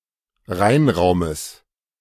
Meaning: genitive singular of Reinraum
- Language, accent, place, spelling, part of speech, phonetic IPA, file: German, Germany, Berlin, Reinraumes, noun, [ˈʁaɪ̯nˌʁaʊ̯məs], De-Reinraumes.ogg